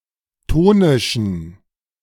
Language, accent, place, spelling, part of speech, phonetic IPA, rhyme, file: German, Germany, Berlin, tonischen, adjective, [ˈtoːnɪʃn̩], -oːnɪʃn̩, De-tonischen.ogg
- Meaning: inflection of tonisch: 1. strong genitive masculine/neuter singular 2. weak/mixed genitive/dative all-gender singular 3. strong/weak/mixed accusative masculine singular 4. strong dative plural